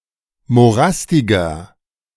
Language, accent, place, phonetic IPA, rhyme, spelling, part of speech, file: German, Germany, Berlin, [moˈʁastɪɡɐ], -astɪɡɐ, morastiger, adjective, De-morastiger.ogg
- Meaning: 1. comparative degree of morastig 2. inflection of morastig: strong/mixed nominative masculine singular 3. inflection of morastig: strong genitive/dative feminine singular